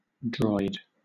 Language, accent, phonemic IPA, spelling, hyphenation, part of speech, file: English, Southern England, /dɹɔɪ̯d/, droid, droid, noun, LL-Q1860 (eng)-droid.wav
- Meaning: A robot, especially one made with some physical resemblance to a human (an android)